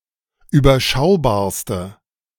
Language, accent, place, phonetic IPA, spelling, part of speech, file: German, Germany, Berlin, [yːbɐˈʃaʊ̯baːɐ̯stə], überschaubarste, adjective, De-überschaubarste.ogg
- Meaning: inflection of überschaubar: 1. strong/mixed nominative/accusative feminine singular superlative degree 2. strong nominative/accusative plural superlative degree